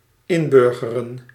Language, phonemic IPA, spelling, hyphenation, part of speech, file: Dutch, /ˈɪmˌbʏrɣərə(n)/, inburgeren, in‧bur‧ge‧ren, verb, Nl-inburgeren.ogg
- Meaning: 1. to integrate into a (foreign) society 2. to become an accepted part of culture or language